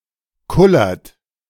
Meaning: inflection of kullern: 1. second-person plural present 2. third-person singular present 3. plural imperative
- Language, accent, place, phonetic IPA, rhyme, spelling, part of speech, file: German, Germany, Berlin, [ˈkʊlɐt], -ʊlɐt, kullert, verb, De-kullert.ogg